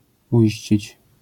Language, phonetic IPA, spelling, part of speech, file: Polish, [uˈʲiɕt͡ɕit͡ɕ], uiścić, verb, LL-Q809 (pol)-uiścić.wav